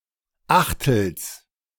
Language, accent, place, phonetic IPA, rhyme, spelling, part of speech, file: German, Germany, Berlin, [ˈaxtl̩s], -axtl̩s, Achtels, noun, De-Achtels.ogg
- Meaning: genitive singular of Achtel